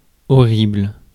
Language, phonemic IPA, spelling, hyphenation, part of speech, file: French, /ɔ.ʁibl/, horrible, ho‧rri‧ble, adjective, Fr-horrible.ogg
- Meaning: horrible (causing horror)